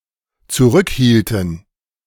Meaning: inflection of zurückhalten: 1. first/third-person plural dependent preterite 2. first/third-person plural dependent subjunctive II
- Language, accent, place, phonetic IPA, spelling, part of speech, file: German, Germany, Berlin, [t͡suˈʁʏkˌhiːltn̩], zurückhielten, verb, De-zurückhielten.ogg